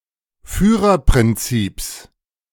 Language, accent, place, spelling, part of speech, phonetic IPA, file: German, Germany, Berlin, Führerprinzips, noun, [ˈfyːʁɐpʁɪnˌt͡siːps], De-Führerprinzips.ogg
- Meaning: genitive singular of Führerprinzip